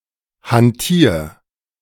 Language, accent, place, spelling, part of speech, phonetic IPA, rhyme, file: German, Germany, Berlin, hantier, verb, [hanˈtiːɐ̯], -iːɐ̯, De-hantier.ogg
- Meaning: 1. singular imperative of hantieren 2. first-person singular present of hantieren